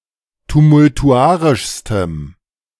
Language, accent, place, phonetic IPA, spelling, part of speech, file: German, Germany, Berlin, [tumʊltuˈʔaʁɪʃstəm], tumultuarischstem, adjective, De-tumultuarischstem.ogg
- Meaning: strong dative masculine/neuter singular superlative degree of tumultuarisch